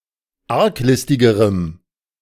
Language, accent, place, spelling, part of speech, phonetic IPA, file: German, Germany, Berlin, arglistigerem, adjective, [ˈaʁkˌlɪstɪɡəʁəm], De-arglistigerem.ogg
- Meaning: strong dative masculine/neuter singular comparative degree of arglistig